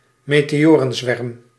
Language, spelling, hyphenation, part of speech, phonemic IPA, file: Dutch, meteorenzwerm, me‧te‧o‧ren‧zwerm, noun, /meː.teːˈoː.rə(n)ˌzʋɛrm/, Nl-meteorenzwerm.ogg
- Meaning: meteor swarm, meteor shower